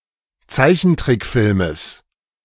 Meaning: genitive singular of Zeichentrickfilm
- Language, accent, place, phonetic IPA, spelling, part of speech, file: German, Germany, Berlin, [ˈt͡saɪ̯çn̩ˌtʁɪkfɪlməs], Zeichentrickfilmes, noun, De-Zeichentrickfilmes.ogg